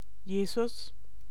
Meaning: Jesus
- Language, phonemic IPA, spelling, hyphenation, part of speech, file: German, /ˈjeːzʊs/, Jesus, Je‧sus, proper noun, De-Jesus.ogg